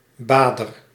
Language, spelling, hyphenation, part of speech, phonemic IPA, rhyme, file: Dutch, bader, ba‧der, noun, /ˈbaː.dər/, -aːdər, Nl-bader.ogg
- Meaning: someone who bathes, is taking a bath, mostly in a river or open water, or in a religious sense